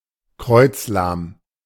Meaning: exhausted and aching
- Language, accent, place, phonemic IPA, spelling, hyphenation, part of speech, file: German, Germany, Berlin, /ˈkʁɔʏ̯t͡sˌlaːm/, kreuzlahm, kreuz‧lahm, adjective, De-kreuzlahm.ogg